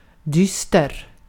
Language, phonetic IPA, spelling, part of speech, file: Swedish, [ˈdʏ̌sːtɛr], dyster, adjective, Sv-dyster.ogg
- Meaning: 1. gloomy (feeling, expressing, or marked by gloom) 2. gloomy (feeling, expressing, or marked by gloom): somber 3. bleak, gloomy, dreary (evoking a feeling of gloom)